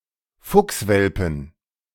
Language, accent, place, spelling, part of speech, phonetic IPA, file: German, Germany, Berlin, Fuchswelpen, noun, [ˈfʊksˌvɛlpn̩], De-Fuchswelpen.ogg
- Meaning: 1. genitive singular of Fuchswelpe 2. dative singular of Fuchswelpe 3. accusative singular of Fuchswelpe 4. nominative plural of Fuchswelpe 5. genitive plural of Fuchswelpe